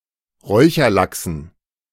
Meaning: dative plural of Räucherlachs
- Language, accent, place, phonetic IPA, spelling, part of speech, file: German, Germany, Berlin, [ˈʁɔɪ̯çɐˌlaksn̩], Räucherlachsen, noun, De-Räucherlachsen.ogg